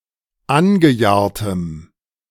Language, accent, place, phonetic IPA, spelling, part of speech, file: German, Germany, Berlin, [ˈanɡəˌjaːɐ̯təm], angejahrtem, adjective, De-angejahrtem.ogg
- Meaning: strong dative masculine/neuter singular of angejahrt